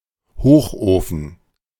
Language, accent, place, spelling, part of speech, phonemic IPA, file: German, Germany, Berlin, Hochofen, noun, /ˈhoːχˌoːfən/, De-Hochofen.ogg
- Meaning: furnace (device for heating in a factory, melting metals, etc)